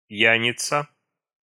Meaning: 1. drunkard, drunk 2. A card game, in which players throw a card from the bottom of their deck and whoever has the biggest card takes everything currently laying on the table
- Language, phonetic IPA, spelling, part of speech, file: Russian, [ˈp⁽ʲ⁾jænʲɪt͡sə], пьяница, noun, Ru-пьяница.ogg